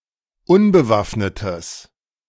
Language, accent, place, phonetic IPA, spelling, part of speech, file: German, Germany, Berlin, [ˈʊnbəˌvafnətəs], unbewaffnetes, adjective, De-unbewaffnetes.ogg
- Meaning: strong/mixed nominative/accusative neuter singular of unbewaffnet